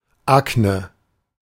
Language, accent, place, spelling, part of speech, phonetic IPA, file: German, Germany, Berlin, Akne, noun, [ˈaknə], De-Akne.ogg
- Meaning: acne